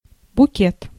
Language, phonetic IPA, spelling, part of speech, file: Russian, [bʊˈkʲet], букет, noun, Ru-букет.ogg
- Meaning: 1. bouquet, bunch of flowers, posy 2. bouquet, aroma 3. bunch, slew, range